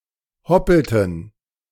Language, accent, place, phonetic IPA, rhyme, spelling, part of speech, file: German, Germany, Berlin, [ˈhɔpl̩tn̩], -ɔpl̩tn̩, hoppelten, verb, De-hoppelten.ogg
- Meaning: inflection of hoppeln: 1. first/third-person plural preterite 2. first/third-person plural subjunctive II